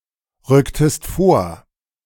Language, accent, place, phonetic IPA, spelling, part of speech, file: German, Germany, Berlin, [ˌʁʏktəst ˈfoːɐ̯], rücktest vor, verb, De-rücktest vor.ogg
- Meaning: inflection of vorrücken: 1. second-person singular preterite 2. second-person singular subjunctive II